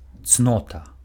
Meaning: virtue
- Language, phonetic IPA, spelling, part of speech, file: Belarusian, [ˈt͡snota], цнота, noun, Be-цнота.ogg